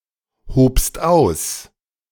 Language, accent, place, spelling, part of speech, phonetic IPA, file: German, Germany, Berlin, hobst aus, verb, [ˌhoːpst ˈaʊ̯s], De-hobst aus.ogg
- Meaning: second-person singular preterite of ausheben